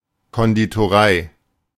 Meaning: pastry shop, cake shop
- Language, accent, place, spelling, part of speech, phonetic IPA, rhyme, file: German, Germany, Berlin, Konditorei, noun, [ˌkɔnditoˈʁaɪ̯], -aɪ̯, De-Konditorei.ogg